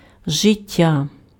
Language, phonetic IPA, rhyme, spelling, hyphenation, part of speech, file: Ukrainian, [ʒeˈtʲːa], -a, життя, жи‧т‧тя, noun, Uk-життя.ogg
- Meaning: life